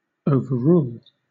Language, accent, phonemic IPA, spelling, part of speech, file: English, Southern England, /ˌəʊ.vəˈɹuːl/, overrule, verb, LL-Q1860 (eng)-overrule.wav
- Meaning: 1. To rule over; to govern or determine by superior authority 2. To rule or determine in a contrary way; to decide against; to abrogate or alter 3. To nullify a previous ruling by a higher power